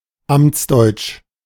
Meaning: German bureaucratese, officialese (the jargon-filled, obfuscatory and sometimes legalistic or euphemistic variety of the German language which is regarded as the language of German bureaucrats)
- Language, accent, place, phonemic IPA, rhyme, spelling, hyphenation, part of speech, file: German, Germany, Berlin, /ˈamt͡sˌdɔɪ̯t͡ʃ/, -ɔɪ̯t͡ʃ, Amtsdeutsch, Amts‧deutsch, proper noun, De-Amtsdeutsch.ogg